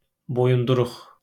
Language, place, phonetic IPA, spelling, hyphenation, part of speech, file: Azerbaijani, Baku, [bojunduˈruχ], boyunduruq, bo‧yun‧du‧ruq, noun, LL-Q9292 (aze)-boyunduruq.wav
- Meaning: yoke (a bar or frame of wood by which two draught animals are joined at the heads or necks enabling them to pull a plough, cart etc)